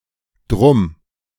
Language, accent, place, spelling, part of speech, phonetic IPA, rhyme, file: German, Germany, Berlin, drum, adverb, [dʁʊm], -ʊm, De-drum.ogg
- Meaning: contraction of darum